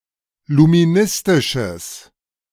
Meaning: strong/mixed nominative/accusative neuter singular of luministisch
- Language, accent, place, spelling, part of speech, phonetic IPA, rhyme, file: German, Germany, Berlin, luministisches, adjective, [lumiˈnɪstɪʃəs], -ɪstɪʃəs, De-luministisches.ogg